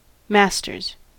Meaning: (noun) 1. plural of master 2. Ellipsis of master's degree; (verb) third-person singular simple present indicative of master
- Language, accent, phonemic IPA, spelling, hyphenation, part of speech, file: English, US, /ˈmæs.tɚz/, masters, mas‧ters, noun / verb / adjective, En-us-masters.ogg